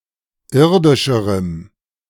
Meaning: strong dative masculine/neuter singular comparative degree of irdisch
- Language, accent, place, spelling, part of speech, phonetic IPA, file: German, Germany, Berlin, irdischerem, adjective, [ˈɪʁdɪʃəʁəm], De-irdischerem.ogg